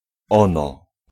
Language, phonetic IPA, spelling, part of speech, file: Polish, [ˈɔ̃nɔ], ono, pronoun / noun, Pl-ono.ogg